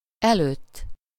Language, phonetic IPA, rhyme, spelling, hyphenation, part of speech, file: Hungarian, [ˈɛløːtː], -øːtː, előtt, előtt, postposition, Hu-előtt.ogg
- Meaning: 1. in front of, ahead of, before (in space) 2. before, prior to (in time)